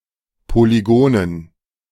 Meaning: dative plural of Polygon
- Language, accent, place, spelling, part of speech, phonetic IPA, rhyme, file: German, Germany, Berlin, Polygonen, noun, [poliˈɡoːnən], -oːnən, De-Polygonen.ogg